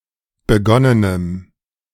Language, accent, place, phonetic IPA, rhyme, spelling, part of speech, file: German, Germany, Berlin, [bəˈɡɔnənəm], -ɔnənəm, begonnenem, adjective, De-begonnenem.ogg
- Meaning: strong dative masculine/neuter singular of begonnen